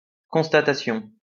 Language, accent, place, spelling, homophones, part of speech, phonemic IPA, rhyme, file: French, France, Lyon, constatation, constatations, noun, /kɔ̃s.ta.ta.sjɔ̃/, -jɔ̃, LL-Q150 (fra)-constatation.wav
- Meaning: 1. remark 2. act of noticing something